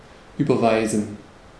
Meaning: to transfer, to wire
- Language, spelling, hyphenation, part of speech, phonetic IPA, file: German, überweisen, über‧wei‧sen, verb, [ˌʔyːbɐˈvaɪ̯zn̩], De-überweisen.ogg